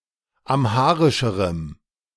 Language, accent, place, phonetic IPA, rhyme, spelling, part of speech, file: German, Germany, Berlin, [ˌamˈhaːʁɪʃəʁəm], -aːʁɪʃəʁəm, amharischerem, adjective, De-amharischerem.ogg
- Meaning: strong dative masculine/neuter singular comparative degree of amharisch